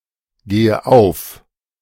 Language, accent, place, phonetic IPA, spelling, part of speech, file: German, Germany, Berlin, [ˌɡeːə ˈaʊ̯f], gehe auf, verb, De-gehe auf.ogg
- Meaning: inflection of aufgehen: 1. first-person singular present 2. first/third-person singular subjunctive I 3. singular imperative